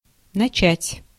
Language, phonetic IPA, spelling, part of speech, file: Russian, [nɐˈt͡ɕætʲ], начать, verb, Ru-начать.ogg
- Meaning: to begin, to start, to commence